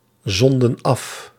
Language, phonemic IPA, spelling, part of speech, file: Dutch, /ˈzɔndə(n) ˈɑf/, zonden af, verb, Nl-zonden af.ogg
- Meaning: inflection of afzenden: 1. plural past indicative 2. plural past subjunctive